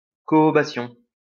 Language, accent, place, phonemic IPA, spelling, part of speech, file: French, France, Lyon, /kɔ.ɔ.ba.sjɔ̃/, cohobation, noun, LL-Q150 (fra)-cohobation.wav
- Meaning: cohobation